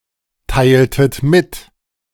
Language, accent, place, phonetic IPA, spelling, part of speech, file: German, Germany, Berlin, [ˌtaɪ̯ltət ˈmɪt], teiltet mit, verb, De-teiltet mit.ogg
- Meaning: inflection of mitteilen: 1. second-person plural preterite 2. second-person plural subjunctive II